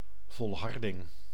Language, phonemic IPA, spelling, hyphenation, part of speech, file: Dutch, /ˌvɔlˈɦɑr.dɪŋ/, volharding, vol‧har‧ding, noun, Nl-volharding.ogg
- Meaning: persistence, perseverance